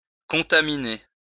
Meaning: to contaminate
- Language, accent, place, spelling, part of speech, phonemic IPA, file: French, France, Lyon, contaminer, verb, /kɔ̃.ta.mi.ne/, LL-Q150 (fra)-contaminer.wav